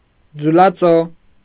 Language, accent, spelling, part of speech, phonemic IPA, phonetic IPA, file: Armenian, Eastern Armenian, ձուլածո, adjective / noun, /d͡zulɑˈt͡so/, [d͡zulɑt͡só], Hy-ձուլածո.ogg
- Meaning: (adjective) moulded, cast; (noun) moulding, something moulded, cast